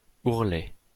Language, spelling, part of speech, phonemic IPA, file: French, ourlet, noun, /uʁ.lɛ/, LL-Q150 (fra)-ourlet.wav
- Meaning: 1. hem 2. rim, helix